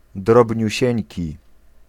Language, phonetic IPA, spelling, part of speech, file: Polish, [ˌdrɔbʲɲüˈɕɛ̇̃ɲci], drobniusieńki, adjective, Pl-drobniusieńki.ogg